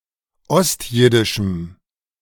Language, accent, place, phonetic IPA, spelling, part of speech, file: German, Germany, Berlin, [ˈɔstˌjɪdɪʃm̩], ostjiddischem, adjective, De-ostjiddischem.ogg
- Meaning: strong dative masculine/neuter singular of ostjiddisch